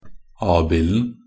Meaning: definite singular of abild
- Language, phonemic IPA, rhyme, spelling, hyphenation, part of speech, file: Norwegian Bokmål, /ˈɑːbɪln̩/, -ɪln̩, abilden, ab‧ild‧en, noun, Nb-abilden.ogg